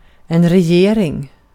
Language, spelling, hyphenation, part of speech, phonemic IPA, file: Swedish, regering, re‧ge‧ring, noun, /rɛˈjeːrɪŋ/, Sv-regering.ogg
- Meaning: government; the executive body of a country's governmental system